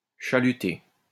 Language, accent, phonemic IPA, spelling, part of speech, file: French, France, /ʃa.ly.te/, chaluter, verb, LL-Q150 (fra)-chaluter.wav
- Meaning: to trawl